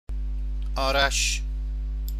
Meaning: a male given name, Arash
- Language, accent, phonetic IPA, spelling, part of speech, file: Persian, Iran, [ʔɒː.ɹǽʃ], آرش, proper noun, Fa-آرش.ogg